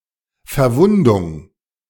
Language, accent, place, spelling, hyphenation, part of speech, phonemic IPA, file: German, Germany, Berlin, Verwundung, Ver‧wun‧dung, noun, /fɛɐ̯ˈvʊndʊŋ/, De-Verwundung.ogg
- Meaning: injury (damage to the body of a human or animal)